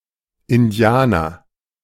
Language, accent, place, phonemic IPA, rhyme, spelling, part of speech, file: German, Germany, Berlin, /ɪnˈdi̯aːnɐ/, -aːnɐ, Indianer, noun, De-Indianer.ogg
- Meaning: 1. Indian, American Indian, Native American 2. the constellation Indus 3. Indian, person from India